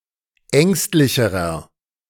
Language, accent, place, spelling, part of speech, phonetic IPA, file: German, Germany, Berlin, ängstlicherer, adjective, [ˈɛŋstlɪçəʁɐ], De-ängstlicherer.ogg
- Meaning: inflection of ängstlich: 1. strong/mixed nominative masculine singular comparative degree 2. strong genitive/dative feminine singular comparative degree 3. strong genitive plural comparative degree